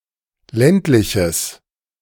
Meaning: strong/mixed nominative/accusative neuter singular of ländlich
- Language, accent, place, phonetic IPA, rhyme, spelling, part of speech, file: German, Germany, Berlin, [ˈlɛntlɪçəs], -ɛntlɪçəs, ländliches, adjective, De-ländliches.ogg